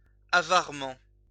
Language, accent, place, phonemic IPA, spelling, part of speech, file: French, France, Lyon, /a.vaʁ.mɑ̃/, avarement, adverb, LL-Q150 (fra)-avarement.wav
- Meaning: stingily